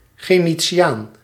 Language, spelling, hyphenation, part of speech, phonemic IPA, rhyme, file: Dutch, gentiaan, gen‧ti‧aan, noun, /ˌɣɛn.tsiˈaːn/, -aːn, Nl-gentiaan.ogg
- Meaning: a gentian, any plant of the family Gentianaceae, in particular used of plants from certain genera such as Gentiana